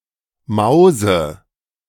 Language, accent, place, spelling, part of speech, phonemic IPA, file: German, Germany, Berlin, mause, adjective, /ˈmaʊ̯zə/, De-mause.ogg
- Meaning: synonym of mausetot